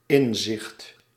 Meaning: 1. insight, understanding, intuition 2. awareness, senses 3. intention, intent
- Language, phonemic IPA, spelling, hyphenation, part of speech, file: Dutch, /ˈɪn.zɪxt/, inzicht, in‧zicht, noun, Nl-inzicht.ogg